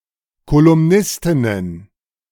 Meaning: plural of Kolumnistin
- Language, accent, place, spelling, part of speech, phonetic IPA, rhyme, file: German, Germany, Berlin, Kolumnistinnen, noun, [kolʊmˈnɪstɪnən], -ɪstɪnən, De-Kolumnistinnen.ogg